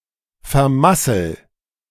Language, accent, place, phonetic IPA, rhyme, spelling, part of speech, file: German, Germany, Berlin, [fɛɐ̯ˈmasl̩], -asl̩, vermassel, verb, De-vermassel.ogg
- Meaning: inflection of vermasseln: 1. first-person singular present 2. singular imperative